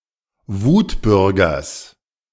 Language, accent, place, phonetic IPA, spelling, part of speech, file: German, Germany, Berlin, [ˈvuːtˌbʏʁɡɐs], Wutbürgers, noun, De-Wutbürgers.ogg
- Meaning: genitive singular of Wutbürger